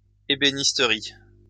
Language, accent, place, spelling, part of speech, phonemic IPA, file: French, France, Lyon, ébénisterie, noun, /e.be.nis.tə.ʁi/, LL-Q150 (fra)-ébénisterie.wav
- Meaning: cabinetmaking